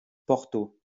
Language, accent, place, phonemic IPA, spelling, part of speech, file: French, France, Lyon, /pɔʁ.to/, porto, noun, LL-Q150 (fra)-porto.wav
- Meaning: port wine